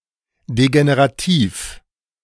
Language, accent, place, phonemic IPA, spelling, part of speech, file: German, Germany, Berlin, /deɡeneʁaˈtiːf/, degenerativ, adjective, De-degenerativ.ogg
- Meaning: degenerative, decaying, morbid